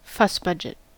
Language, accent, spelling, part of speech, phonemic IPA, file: English, US, fussbudget, noun, /ˈfʌsˌbʌd͡ʒɪt/, En-us-fussbudget.ogg
- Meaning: One who complains or fusses a great deal, especially about unimportant matters; a fusspot